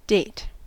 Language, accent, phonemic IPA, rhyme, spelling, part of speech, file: English, US, /deɪt/, -eɪt, date, noun / verb, En-us-date.ogg
- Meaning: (noun) 1. The fruit of the date palm, Phoenix dactylifera, somewhat in the shape of an olive, containing a soft, sweet pulp and enclosing a hard kernel 2. The date palm 3. The anus